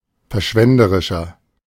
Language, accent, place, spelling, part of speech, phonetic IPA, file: German, Germany, Berlin, verschwenderischer, adjective, [fɛɐ̯ˈʃvɛndəʁɪʃɐ], De-verschwenderischer.ogg
- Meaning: 1. comparative degree of verschwenderisch 2. inflection of verschwenderisch: strong/mixed nominative masculine singular 3. inflection of verschwenderisch: strong genitive/dative feminine singular